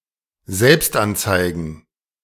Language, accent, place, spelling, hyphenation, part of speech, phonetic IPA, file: German, Germany, Berlin, Selbstanzeigen, Selbst‧an‧zei‧gen, noun, [ˈzɛlpstʔantsaɪ̯ɡn̩], De-Selbstanzeigen.ogg
- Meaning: plural of Selbstanzeige